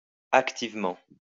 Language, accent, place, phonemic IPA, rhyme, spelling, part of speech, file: French, France, Lyon, /ak.tiv.mɑ̃/, -ɑ̃, activement, adverb, LL-Q150 (fra)-activement.wav
- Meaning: actively